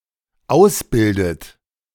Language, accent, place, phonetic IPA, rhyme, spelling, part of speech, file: German, Germany, Berlin, [ˈaʊ̯sˌbɪldət], -aʊ̯sbɪldət, ausbildet, verb, De-ausbildet.ogg
- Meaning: inflection of ausbilden: 1. third-person singular dependent present 2. second-person plural dependent present 3. second-person plural dependent subjunctive I